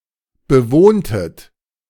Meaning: inflection of bewohnen: 1. second-person plural preterite 2. second-person plural subjunctive II
- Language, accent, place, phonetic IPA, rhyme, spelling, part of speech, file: German, Germany, Berlin, [bəˈvoːntət], -oːntət, bewohntet, verb, De-bewohntet.ogg